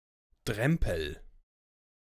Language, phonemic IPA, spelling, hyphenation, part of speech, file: German, /ˈdrɛmpəl/, Drempel, Drem‧pel, noun, De-Drempel.ogg
- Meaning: threshold, brink, bump: 1. particularly, a certain part of a sluice 2. particularly, an extension of the top floor of a building with a gabled roof